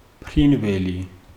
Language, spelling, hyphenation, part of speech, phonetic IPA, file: Georgian, ფრინველი, ფრინ‧ვე‧ლი, noun, [pʰɾinʷe̞li], Ka-ფრინველი.ogg
- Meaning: bird